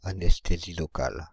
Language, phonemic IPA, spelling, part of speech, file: French, /a.nɛs.te.zi lɔ.kal/, anesthésie locale, noun, Fr-anesthésie locale.ogg
- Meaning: local anesthesia